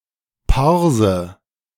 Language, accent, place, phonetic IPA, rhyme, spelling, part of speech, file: German, Germany, Berlin, [ˈpaʁzə], -aʁzə, Parse, noun, De-Parse.ogg
- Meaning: Parsi